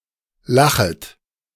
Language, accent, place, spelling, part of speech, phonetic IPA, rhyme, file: German, Germany, Berlin, lachet, verb, [ˈlaxət], -axət, De-lachet.ogg
- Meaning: second-person plural subjunctive I of lachen